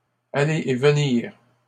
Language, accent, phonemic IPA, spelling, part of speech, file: French, Canada, /a.le e v(ə).niʁ/, aller et venir, verb, LL-Q150 (fra)-aller et venir.wav
- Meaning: to walk back and forth